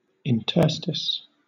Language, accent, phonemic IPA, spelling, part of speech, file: English, Southern England, /ɪnˈtɜː.stɪs/, interstice, noun, LL-Q1860 (eng)-interstice.wav